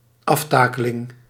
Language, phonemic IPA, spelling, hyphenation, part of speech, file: Dutch, /ˈɑfˌtaː.kə.lɪŋ/, aftakeling, af‧ta‧ke‧ling, noun, Nl-aftakeling.ogg
- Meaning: decrepitude, decay, decline (in physical or mental condition)